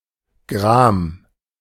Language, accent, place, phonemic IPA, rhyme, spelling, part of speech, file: German, Germany, Berlin, /ɡʁaːm/, -aːm, Gram, noun / proper noun, De-Gram.ogg
- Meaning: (noun) grief; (proper noun) A magical sword that Sigurd used to kill the dragon Fafnir